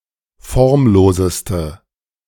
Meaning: inflection of formlos: 1. strong/mixed nominative/accusative feminine singular superlative degree 2. strong nominative/accusative plural superlative degree
- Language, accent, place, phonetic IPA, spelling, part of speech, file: German, Germany, Berlin, [ˈfɔʁmˌloːzəstə], formloseste, adjective, De-formloseste.ogg